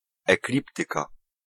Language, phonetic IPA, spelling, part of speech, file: Polish, [ɛkˈlʲiptɨka], ekliptyka, noun, Pl-ekliptyka.ogg